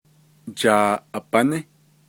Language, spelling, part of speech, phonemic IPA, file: Navajo, jaaʼabaní, noun, /t͡ʃɑ̀ːʔɑ̀pɑ̀nɪ́/, Nv-jaaʼabaní.ogg
- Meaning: bat (animal)